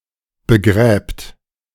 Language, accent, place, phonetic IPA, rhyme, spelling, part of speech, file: German, Germany, Berlin, [bəˈɡʁɛːpt], -ɛːpt, begräbt, verb, De-begräbt.ogg
- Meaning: third-person singular present of begraben